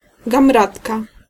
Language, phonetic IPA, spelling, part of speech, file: Polish, [ɡãmˈratka], gamratka, noun, Pl-gamratka.ogg